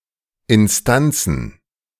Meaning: plural of Instanz
- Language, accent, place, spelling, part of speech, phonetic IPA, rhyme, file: German, Germany, Berlin, Instanzen, noun, [ɪnˈstant͡sn̩], -ant͡sn̩, De-Instanzen.ogg